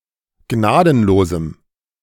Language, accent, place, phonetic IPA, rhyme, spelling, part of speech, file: German, Germany, Berlin, [ˈɡnaːdn̩loːzm̩], -aːdn̩loːzm̩, gnadenlosem, adjective, De-gnadenlosem.ogg
- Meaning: strong dative masculine/neuter singular of gnadenlos